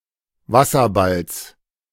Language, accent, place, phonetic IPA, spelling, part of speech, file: German, Germany, Berlin, [ˈvasɐˌbals], Wasserballs, noun, De-Wasserballs.ogg
- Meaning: genitive singular of Wasserball